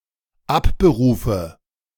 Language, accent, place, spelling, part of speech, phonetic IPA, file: German, Germany, Berlin, abberufe, verb, [ˈapbəˌʁuːfə], De-abberufe.ogg
- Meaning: inflection of abberufen: 1. first-person singular dependent present 2. first/third-person singular dependent subjunctive I